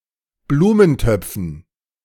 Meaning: dative plural of Blumentopf
- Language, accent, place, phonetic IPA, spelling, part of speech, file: German, Germany, Berlin, [ˈbluːmənˌtœp͡fn̩], Blumentöpfen, noun, De-Blumentöpfen.ogg